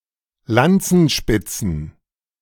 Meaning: plural of Lanzenspitze
- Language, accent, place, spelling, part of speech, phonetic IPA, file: German, Germany, Berlin, Lanzenspitzen, noun, [ˈlant͡sn̩ˌʃpɪt͡sn̩], De-Lanzenspitzen.ogg